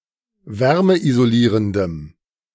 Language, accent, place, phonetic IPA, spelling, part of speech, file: German, Germany, Berlin, [ˈvɛʁməʔizoˌliːʁəndəm], wärmeisolierendem, adjective, De-wärmeisolierendem.ogg
- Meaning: strong dative masculine/neuter singular of wärmeisolierend